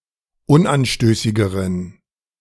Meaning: inflection of unanstößig: 1. strong genitive masculine/neuter singular comparative degree 2. weak/mixed genitive/dative all-gender singular comparative degree
- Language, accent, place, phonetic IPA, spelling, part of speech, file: German, Germany, Berlin, [ˈʊnʔanˌʃtøːsɪɡəʁən], unanstößigeren, adjective, De-unanstößigeren.ogg